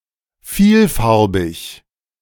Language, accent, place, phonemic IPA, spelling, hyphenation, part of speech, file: German, Germany, Berlin, /ˈfiːlˌfaʁbɪç/, vielfarbig, viel‧far‧big, adjective, De-vielfarbig.ogg
- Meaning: multicoloured